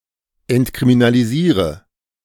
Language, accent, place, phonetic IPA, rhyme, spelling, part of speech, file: German, Germany, Berlin, [ɛntkʁiminaliˈziːʁə], -iːʁə, entkriminalisiere, verb, De-entkriminalisiere.ogg
- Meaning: inflection of entkriminalisieren: 1. first-person singular present 2. singular imperative 3. first/third-person singular subjunctive I